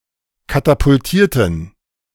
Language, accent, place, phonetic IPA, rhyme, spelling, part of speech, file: German, Germany, Berlin, [katapʊlˈtiːɐ̯tn̩], -iːɐ̯tn̩, katapultierten, adjective / verb, De-katapultierten.ogg
- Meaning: inflection of katapultieren: 1. first/third-person plural preterite 2. first/third-person plural subjunctive II